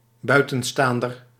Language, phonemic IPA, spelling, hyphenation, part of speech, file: Dutch, /ˈbœy̯.tə(n)ˌstaːn.dər/, buitenstaander, bui‧ten‧staan‧der, noun, Nl-buitenstaander.ogg
- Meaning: an outsider